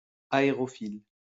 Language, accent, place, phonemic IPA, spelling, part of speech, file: French, France, Lyon, /a.e.ʁɔ.fil/, aérophile, adjective / noun, LL-Q150 (fra)-aérophile.wav
- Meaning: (adjective) aerophilic; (noun) aerophile